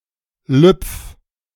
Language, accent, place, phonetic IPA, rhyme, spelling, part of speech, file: German, Germany, Berlin, [lʏp͡f], -ʏp͡f, lüpf, verb, De-lüpf.ogg
- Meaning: 1. singular imperative of lüpfen 2. first-person singular present of lüpfen